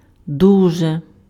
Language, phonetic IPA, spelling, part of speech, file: Ukrainian, [ˈduʒe], дуже, adverb / adjective, Uk-дуже.ogg
- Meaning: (adverb) very, much, very much; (adjective) neuter nominative/ac/vocative singular of дужий (dužyj)